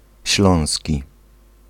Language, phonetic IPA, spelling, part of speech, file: Polish, [ˈɕlɔ̃w̃sʲci], śląski, adjective / noun, Pl-śląski.ogg